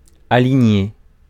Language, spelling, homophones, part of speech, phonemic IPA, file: French, aligner, alignai / aligné / alignée / alignées / alignés / alignez / aligniez, verb, /a.li.ɲe/, Fr-aligner.ogg
- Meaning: to align